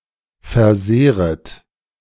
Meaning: second-person plural subjunctive I of versehren
- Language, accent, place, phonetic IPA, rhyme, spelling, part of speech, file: German, Germany, Berlin, [fɛɐ̯ˈzeːʁət], -eːʁət, versehret, verb, De-versehret.ogg